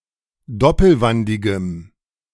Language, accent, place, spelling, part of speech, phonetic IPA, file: German, Germany, Berlin, doppelwandigem, adjective, [ˈdɔpl̩ˌvandɪɡəm], De-doppelwandigem.ogg
- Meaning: strong dative masculine/neuter singular of doppelwandig